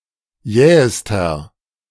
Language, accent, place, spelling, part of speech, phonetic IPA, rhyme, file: German, Germany, Berlin, jähester, adjective, [ˈjɛːəstɐ], -ɛːəstɐ, De-jähester.ogg
- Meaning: inflection of jäh: 1. strong/mixed nominative masculine singular superlative degree 2. strong genitive/dative feminine singular superlative degree 3. strong genitive plural superlative degree